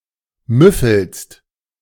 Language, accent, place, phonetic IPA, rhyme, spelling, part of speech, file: German, Germany, Berlin, [ˈmʏfl̩st], -ʏfl̩st, müffelst, verb, De-müffelst.ogg
- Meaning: second-person singular present of müffeln